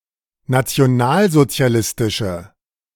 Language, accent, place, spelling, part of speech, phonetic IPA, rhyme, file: German, Germany, Berlin, nationalsozialistische, adjective, [nat͡si̯oˈnaːlzot͡si̯aˌlɪstɪʃə], -aːlzot͡si̯alɪstɪʃə, De-nationalsozialistische.ogg
- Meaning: inflection of nationalsozialistisch: 1. strong/mixed nominative/accusative feminine singular 2. strong nominative/accusative plural 3. weak nominative all-gender singular